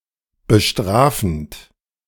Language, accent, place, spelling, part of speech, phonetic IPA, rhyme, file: German, Germany, Berlin, bestrafend, verb, [bəˈʃtʁaːfn̩t], -aːfn̩t, De-bestrafend.ogg
- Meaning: present participle of bestrafen